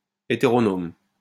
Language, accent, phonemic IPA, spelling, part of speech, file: French, France, /e.te.ʁɔ.nɔm/, hétéronome, adjective, LL-Q150 (fra)-hétéronome.wav
- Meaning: heteronomous (all senses)